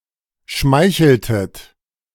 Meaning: inflection of schmeicheln: 1. second-person plural preterite 2. second-person plural subjunctive II
- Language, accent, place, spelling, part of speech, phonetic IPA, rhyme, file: German, Germany, Berlin, schmeicheltet, verb, [ˈʃmaɪ̯çl̩tət], -aɪ̯çl̩tət, De-schmeicheltet.ogg